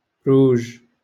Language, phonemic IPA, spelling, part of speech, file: Moroccan Arabic, /ruːʒ/, روج, noun, LL-Q56426 (ary)-روج.wav
- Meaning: wine